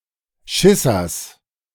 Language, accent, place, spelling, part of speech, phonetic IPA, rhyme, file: German, Germany, Berlin, Schissers, noun, [ˈʃɪsɐs], -ɪsɐs, De-Schissers.ogg
- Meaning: genitive of Schisser